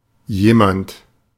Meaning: someone, somebody
- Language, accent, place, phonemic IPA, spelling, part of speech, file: German, Germany, Berlin, /ˈjeːmant/, jemand, pronoun, De-jemand.ogg